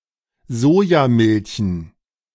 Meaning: dative plural of Sojamilch
- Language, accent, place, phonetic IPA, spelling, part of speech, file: German, Germany, Berlin, [ˈzoːjaˌmɪlçn̩], Sojamilchen, noun, De-Sojamilchen.ogg